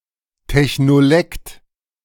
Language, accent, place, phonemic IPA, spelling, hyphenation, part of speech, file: German, Germany, Berlin, /tɛçnoˈlɛkt/, Technolekt, Tech‧no‧lekt, noun, De-Technolekt.ogg
- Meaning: technolect